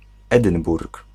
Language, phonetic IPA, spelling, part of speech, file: Polish, [ɛˈdɨ̃nburk], Edynburg, proper noun, Pl-Edynburg.ogg